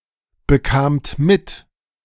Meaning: second-person plural preterite of mitbekommen
- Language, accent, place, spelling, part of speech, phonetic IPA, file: German, Germany, Berlin, bekamt mit, verb, [bəˌkaːmt ˈmɪt], De-bekamt mit.ogg